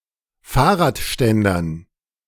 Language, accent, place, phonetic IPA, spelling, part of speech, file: German, Germany, Berlin, [ˈfaːɐ̯ʁaːtˌʃtɛndɐn], Fahrradständern, noun, De-Fahrradständern.ogg
- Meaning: dative plural of Fahrradständer